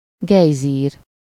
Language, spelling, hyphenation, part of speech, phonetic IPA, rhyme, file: Hungarian, gejzír, gej‧zír, noun, [ˈɡɛjziːr], -iːr, Hu-gejzír.ogg
- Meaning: geyser